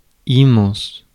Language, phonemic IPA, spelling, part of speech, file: French, /i(m).mɑ̃s/, immense, adjective, Fr-immense.ogg
- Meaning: immense, huge